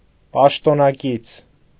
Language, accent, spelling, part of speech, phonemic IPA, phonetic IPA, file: Armenian, Eastern Armenian, պաշտոնակից, noun, /pɑʃtonɑˈkit͡sʰ/, [pɑʃtonɑkít͡sʰ], Hy-պաշտոնակից.ogg
- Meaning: colleague, coworker